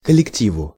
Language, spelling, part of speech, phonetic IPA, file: Russian, коллективу, noun, [kəlʲɪkˈtʲivʊ], Ru-коллективу.ogg
- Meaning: dative singular of коллекти́в (kollektív)